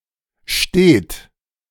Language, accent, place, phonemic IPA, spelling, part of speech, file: German, Germany, Berlin, /ʃteːt/, stet, adjective, De-stet.ogg
- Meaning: 1. steady 2. constant, continuous 3. perpetual